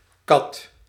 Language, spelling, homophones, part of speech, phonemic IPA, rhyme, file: Dutch, qat, kat, noun, /kɑt/, -ɑt, Nl-qat.ogg
- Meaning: 1. khat (the plant Catha edulis) 2. khat (a psychoactive stimulant obtained from the plant)